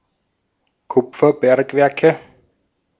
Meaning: nominative/accusative/genitive plural of Kupferbergwerk
- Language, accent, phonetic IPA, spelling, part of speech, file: German, Austria, [ˈkʊp͡fɐˌbɛʁkvɛʁkə], Kupferbergwerke, noun, De-at-Kupferbergwerke.ogg